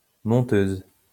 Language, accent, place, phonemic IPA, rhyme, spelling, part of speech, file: French, France, Lyon, /mɔ̃.tøz/, -øz, monteuse, noun, LL-Q150 (fra)-monteuse.wav
- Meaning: female equivalent of monteur